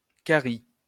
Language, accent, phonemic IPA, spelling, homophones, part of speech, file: French, France, /ka.ʁi/, carie, Carie, noun, LL-Q150 (fra)-carie.wav
- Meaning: 1. decay (uncountable), cavity (countable) (process or result of bone or teeth being gradually decomposed) 2. rot (process of a plant becoming rotten)